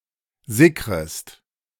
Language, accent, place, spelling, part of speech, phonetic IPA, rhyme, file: German, Germany, Berlin, sickrest, verb, [ˈzɪkʁəst], -ɪkʁəst, De-sickrest.ogg
- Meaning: second-person singular subjunctive I of sickern